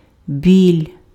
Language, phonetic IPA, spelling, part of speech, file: Ukrainian, [bʲilʲ], біль, noun, Uk-біль.ogg
- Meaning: 1. ache, pain 2. whiteness, white color 3. white thread